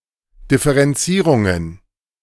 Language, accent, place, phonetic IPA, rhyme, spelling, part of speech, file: German, Germany, Berlin, [dɪfəʁɛnˈt͡siːʁʊŋən], -iːʁʊŋən, Differenzierungen, noun, De-Differenzierungen.ogg
- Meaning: plural of Differenzierung